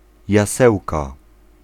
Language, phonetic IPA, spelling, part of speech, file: Polish, [jaˈsɛwka], jasełka, noun, Pl-jasełka.ogg